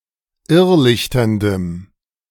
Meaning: strong dative masculine/neuter singular of irrlichternd
- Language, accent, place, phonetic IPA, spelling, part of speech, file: German, Germany, Berlin, [ˈɪʁˌlɪçtɐndəm], irrlichterndem, adjective, De-irrlichterndem.ogg